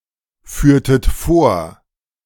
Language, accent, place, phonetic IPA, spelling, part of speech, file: German, Germany, Berlin, [ˌfyːɐ̯tət ˈfoːɐ̯], führtet vor, verb, De-führtet vor.ogg
- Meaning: inflection of vorführen: 1. second-person plural preterite 2. second-person plural subjunctive II